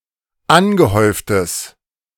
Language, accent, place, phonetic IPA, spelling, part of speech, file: German, Germany, Berlin, [ˈanɡəˌhɔɪ̯ftəs], angehäuftes, adjective, De-angehäuftes.ogg
- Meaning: strong/mixed nominative/accusative neuter singular of angehäuft